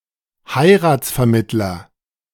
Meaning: marriage broker, matchmaker
- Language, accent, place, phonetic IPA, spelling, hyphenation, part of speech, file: German, Germany, Berlin, [ˈhaɪ̯raːtsfɛɐ̯mɪtlɐ], Heiratsvermittler, Hei‧rats‧ver‧mitt‧ler, noun, De-Heiratsvermittler.ogg